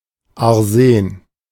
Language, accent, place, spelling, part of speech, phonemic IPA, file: German, Germany, Berlin, Arsen, noun, /aʁˈzeːn/, De-Arsen.ogg
- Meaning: arsenic